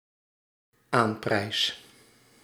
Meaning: first-person singular dependent-clause present indicative of aanprijzen
- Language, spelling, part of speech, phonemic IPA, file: Dutch, aanprijs, verb, /ˈamprɛis/, Nl-aanprijs.ogg